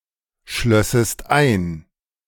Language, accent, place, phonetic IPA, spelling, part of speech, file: German, Germany, Berlin, [ˌʃlœsəst ˈaɪ̯n], schlössest ein, verb, De-schlössest ein.ogg
- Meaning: second-person singular subjunctive II of einschließen